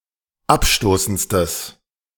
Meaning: strong/mixed nominative/accusative neuter singular superlative degree of abstoßend
- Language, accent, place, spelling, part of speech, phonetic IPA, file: German, Germany, Berlin, abstoßendstes, adjective, [ˈapˌʃtoːsn̩t͡stəs], De-abstoßendstes.ogg